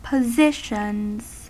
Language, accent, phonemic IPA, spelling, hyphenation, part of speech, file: English, US, /pəˈzɪʃənz/, positions, po‧si‧tions, noun / verb, En-us-positions.ogg
- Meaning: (noun) plural of position; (verb) third-person singular simple present indicative of position